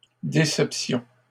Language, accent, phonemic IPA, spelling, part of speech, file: French, Canada, /de.sɛp.sjɔ̃/, déceptions, noun, LL-Q150 (fra)-déceptions.wav
- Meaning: plural of déception